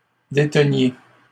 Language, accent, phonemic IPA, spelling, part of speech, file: French, Canada, /de.tə.nje/, déteniez, verb, LL-Q150 (fra)-déteniez.wav
- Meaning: inflection of détenir: 1. second-person plural imperfect indicative 2. second-person plural present subjunctive